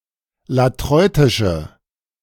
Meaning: inflection of latreutisch: 1. strong/mixed nominative/accusative feminine singular 2. strong nominative/accusative plural 3. weak nominative all-gender singular
- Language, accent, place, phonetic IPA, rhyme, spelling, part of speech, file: German, Germany, Berlin, [laˈtʁɔɪ̯tɪʃə], -ɔɪ̯tɪʃə, latreutische, adjective, De-latreutische.ogg